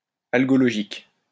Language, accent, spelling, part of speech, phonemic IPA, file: French, France, algologique, adjective, /al.ɡɔ.lɔ.ʒik/, LL-Q150 (fra)-algologique.wav
- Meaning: algological